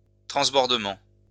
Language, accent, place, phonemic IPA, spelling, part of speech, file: French, France, Lyon, /tʁɑ̃s.bɔʁ.də.mɑ̃/, transbordement, noun, LL-Q150 (fra)-transbordement.wav
- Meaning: 1. transshipment 2. ferrying